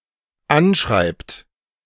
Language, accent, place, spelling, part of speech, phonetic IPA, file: German, Germany, Berlin, anschreibt, verb, [ˈanˌʃʁaɪ̯pt], De-anschreibt.ogg
- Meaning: inflection of anschreiben: 1. third-person singular dependent present 2. second-person plural dependent present